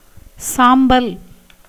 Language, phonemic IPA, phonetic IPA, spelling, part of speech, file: Tamil, /tʃɑːmbɐl/, [säːmbɐl], சாம்பல், noun, Ta-சாம்பல்.ogg
- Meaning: 1. ash 2. grey colour